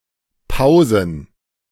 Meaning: plural of Pause
- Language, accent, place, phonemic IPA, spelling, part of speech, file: German, Germany, Berlin, /ˈpaʊ̯zən/, Pausen, noun, De-Pausen.ogg